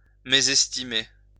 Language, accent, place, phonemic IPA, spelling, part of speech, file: French, France, Lyon, /me.zɛs.ti.me/, mésestimer, verb, LL-Q150 (fra)-mésestimer.wav
- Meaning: to misestimate